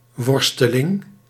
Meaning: something to be wrestled with; struggle
- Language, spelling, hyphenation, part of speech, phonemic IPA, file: Dutch, worsteling, wor‧ste‧ling, noun, /ˈwɔrstəˌlɪŋ/, Nl-worsteling.ogg